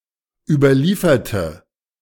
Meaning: inflection of überliefern: 1. first/third-person singular preterite 2. first/third-person singular subjunctive II
- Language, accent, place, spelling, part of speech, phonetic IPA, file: German, Germany, Berlin, überlieferte, adjective / verb, [ˌyːbɐˈliːfɐtə], De-überlieferte.ogg